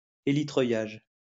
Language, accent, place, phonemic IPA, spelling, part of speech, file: French, France, Lyon, /e.li.tʁœ.jaʒ/, hélitreuillage, noun, LL-Q150 (fra)-hélitreuillage.wav
- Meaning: helihoisting (winching up into a helicopter)